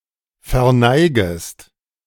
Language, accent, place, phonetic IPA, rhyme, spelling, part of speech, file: German, Germany, Berlin, [fɛɐ̯ˈnaɪ̯ɡəst], -aɪ̯ɡəst, verneigest, verb, De-verneigest.ogg
- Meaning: second-person singular subjunctive I of verneigen